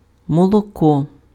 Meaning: milk
- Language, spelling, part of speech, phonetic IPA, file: Ukrainian, молоко, noun, [mɔɫɔˈkɔ], Uk-молоко.ogg